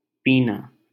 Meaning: 1. to drink 2. to consume, to smoke 3. to suppress emotion 4. to drain time or resources 5. to calmly tolerate
- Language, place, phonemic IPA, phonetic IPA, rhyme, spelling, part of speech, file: Hindi, Delhi, /piː.nɑː/, [piː.näː], -ɑː, पीना, verb, LL-Q1568 (hin)-पीना.wav